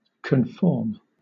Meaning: To adapt to something by more closely matching it, especially something normative
- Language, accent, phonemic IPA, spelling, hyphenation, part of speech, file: English, Southern England, /kənˈfɔːm/, conform, con‧form, verb, LL-Q1860 (eng)-conform.wav